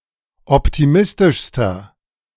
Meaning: inflection of optimistisch: 1. strong/mixed nominative masculine singular superlative degree 2. strong genitive/dative feminine singular superlative degree 3. strong genitive plural superlative degree
- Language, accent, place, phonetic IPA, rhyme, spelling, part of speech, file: German, Germany, Berlin, [ˌɔptiˈmɪstɪʃstɐ], -ɪstɪʃstɐ, optimistischster, adjective, De-optimistischster.ogg